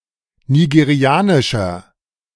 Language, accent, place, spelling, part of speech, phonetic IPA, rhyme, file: German, Germany, Berlin, nigerianischer, adjective, [niɡeˈʁi̯aːnɪʃɐ], -aːnɪʃɐ, De-nigerianischer.ogg
- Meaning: inflection of nigerianisch: 1. strong/mixed nominative masculine singular 2. strong genitive/dative feminine singular 3. strong genitive plural